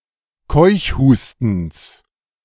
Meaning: genitive singular of Keuchhusten
- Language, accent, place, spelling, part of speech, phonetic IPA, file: German, Germany, Berlin, Keuchhustens, noun, [ˈkɔɪ̯çˌhuːstn̩s], De-Keuchhustens.ogg